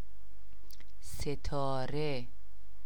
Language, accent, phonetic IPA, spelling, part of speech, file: Persian, Iran, [se.t̪ʰɒː.ɹé], ستاره, noun / proper noun, Fa-ستاره.ogg
- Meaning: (noun) 1. star 2. fate, destiny 3. star (actors, athletes, etc.) 4. asterisk, the symbol "*" 5. spark; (proper noun) a female given name, Setareh, Sitara, Setare, and Sitora, from Middle Persian